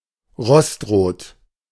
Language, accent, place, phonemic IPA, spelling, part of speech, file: German, Germany, Berlin, /ˈʁɔstˌʁoːt/, rostrot, adjective, De-rostrot.ogg
- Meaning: auburn